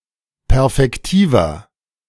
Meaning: inflection of perfektiv: 1. strong/mixed nominative masculine singular 2. strong genitive/dative feminine singular 3. strong genitive plural
- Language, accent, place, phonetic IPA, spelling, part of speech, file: German, Germany, Berlin, [ˈpɛʁfɛktiːvɐ], perfektiver, adjective, De-perfektiver.ogg